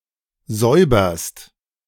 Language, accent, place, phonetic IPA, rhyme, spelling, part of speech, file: German, Germany, Berlin, [ˈzɔɪ̯bɐst], -ɔɪ̯bɐst, säuberst, verb, De-säuberst.ogg
- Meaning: second-person singular present of säubern